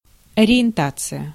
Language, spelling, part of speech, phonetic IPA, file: Russian, ориентация, noun, [ɐrʲɪ(j)ɪnˈtat͡sɨjə], Ru-ориентация.ogg
- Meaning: 1. orientation 2. understanding 3. direction of attention